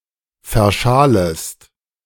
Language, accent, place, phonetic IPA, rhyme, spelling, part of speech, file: German, Germany, Berlin, [fɛɐ̯ˈʃaːləst], -aːləst, verschalest, verb, De-verschalest.ogg
- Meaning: second-person singular subjunctive I of verschalen